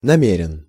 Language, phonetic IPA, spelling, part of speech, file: Russian, [nɐˈmʲerʲɪn], намерен, adjective, Ru-намерен.ogg
- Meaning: going to, intending to